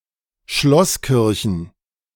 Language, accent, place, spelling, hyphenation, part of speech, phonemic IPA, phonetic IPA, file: German, Germany, Berlin, Schlosskirchen, Schloss‧kir‧chen, noun, /ˈʃlɔsˌkɪʁçən/, [ˈʃlɔsˌkɪʁçn̩], De-Schlosskirchen.ogg
- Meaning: plural of Schlosskirche